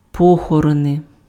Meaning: plural nominative of по́хорон (póxoron)
- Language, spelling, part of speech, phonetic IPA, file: Ukrainian, похорони, noun, [ˈpɔxɔrɔne], Uk-похорони.ogg